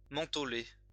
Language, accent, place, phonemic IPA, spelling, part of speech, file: French, France, Lyon, /mɑ̃.tɔ.le/, mentholé, adjective, LL-Q150 (fra)-mentholé.wav
- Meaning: mentholated